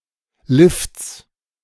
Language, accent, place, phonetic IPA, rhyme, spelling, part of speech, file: German, Germany, Berlin, [lɪft͡s], -ɪft͡s, Lifts, noun, De-Lifts.ogg
- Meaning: 1. genitive singular of Lift 2. plural of Lift